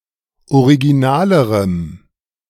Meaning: strong dative masculine/neuter singular comparative degree of original
- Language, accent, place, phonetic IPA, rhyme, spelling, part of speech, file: German, Germany, Berlin, [oʁiɡiˈnaːləʁəm], -aːləʁəm, originalerem, adjective, De-originalerem.ogg